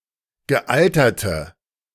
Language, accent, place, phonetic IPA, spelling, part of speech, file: German, Germany, Berlin, [ɡəˈʔaltɐtə], gealterte, adjective, De-gealterte.ogg
- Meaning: inflection of gealtert: 1. strong/mixed nominative/accusative feminine singular 2. strong nominative/accusative plural 3. weak nominative all-gender singular